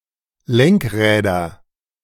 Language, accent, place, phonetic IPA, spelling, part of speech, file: German, Germany, Berlin, [ˈlɛŋkˌʁɛːdɐ], Lenkräder, noun, De-Lenkräder.ogg
- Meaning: nominative/accusative/genitive plural of Lenkrad